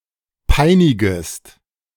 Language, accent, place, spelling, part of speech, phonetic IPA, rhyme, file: German, Germany, Berlin, peinigest, verb, [ˈpaɪ̯nɪɡəst], -aɪ̯nɪɡəst, De-peinigest.ogg
- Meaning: second-person singular subjunctive I of peinigen